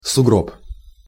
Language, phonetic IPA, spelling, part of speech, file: Russian, [sʊˈɡrop], сугроб, noun, Ru-сугроб.ogg
- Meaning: snowbank